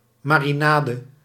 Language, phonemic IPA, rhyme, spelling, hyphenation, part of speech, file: Dutch, /ˌmaː.riˈnaː.də/, -aːdə, marinade, ma‧ri‧na‧de, noun, Nl-marinade.ogg
- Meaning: marinade